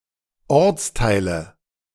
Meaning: nominative/accusative/genitive plural of Ortsteil
- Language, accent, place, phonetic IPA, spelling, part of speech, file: German, Germany, Berlin, [ˈɔʁt͡sˌtaɪ̯lə], Ortsteile, noun, De-Ortsteile.ogg